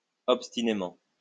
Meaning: obstinately
- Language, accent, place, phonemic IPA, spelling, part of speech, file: French, France, Lyon, /ɔp.sti.ne.mɑ̃/, obstinément, adverb, LL-Q150 (fra)-obstinément.wav